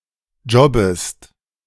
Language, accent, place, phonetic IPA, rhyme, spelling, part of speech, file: German, Germany, Berlin, [ˈd͡ʒɔbəst], -ɔbəst, jobbest, verb, De-jobbest.ogg
- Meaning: second-person singular subjunctive I of jobben